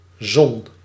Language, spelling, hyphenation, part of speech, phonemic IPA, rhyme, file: Dutch, Zon, Zon, proper noun, /zɔn/, -ɔn, Nl-Zon.ogg
- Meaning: the Sun (closest star to the Earth)